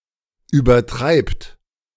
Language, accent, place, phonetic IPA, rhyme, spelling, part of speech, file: German, Germany, Berlin, [yːbɐˈtʁaɪ̯pt], -aɪ̯pt, übertreibt, verb, De-übertreibt.ogg
- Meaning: second-person plural present of übertreiben